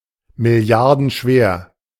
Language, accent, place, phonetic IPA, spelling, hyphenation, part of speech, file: German, Germany, Berlin, [mɪˈli̯aʁdn̩ˌʃveːɐ̯], milliardenschwer, mil‧li‧ar‧den‧schwer, adjective, De-milliardenschwer.ogg
- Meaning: worth billions